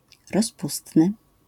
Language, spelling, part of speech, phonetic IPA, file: Polish, rozpustny, adjective, [rɔsˈpustnɨ], LL-Q809 (pol)-rozpustny.wav